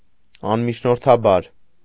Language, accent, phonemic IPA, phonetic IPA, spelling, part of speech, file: Armenian, Eastern Armenian, /ɑnmit͡ʃʰnoɾtʰɑˈbɑɾ/, [ɑnmit͡ʃʰnoɾtʰɑbɑ́ɾ], անմիջնորդաբար, adverb, Hy-անմիջնորդաբար.ogg
- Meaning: directly, immediately